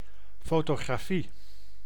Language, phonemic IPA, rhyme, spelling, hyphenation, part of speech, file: Dutch, /ˌfoː.toː.ɣraːˈfi/, -i, fotografie, fo‧to‧gra‧fie, noun, Nl-fotografie.ogg
- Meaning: 1. photography 2. photograph